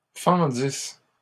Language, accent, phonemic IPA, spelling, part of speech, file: French, Canada, /fɑ̃.dis/, fendisses, verb, LL-Q150 (fra)-fendisses.wav
- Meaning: second-person singular imperfect subjunctive of fendre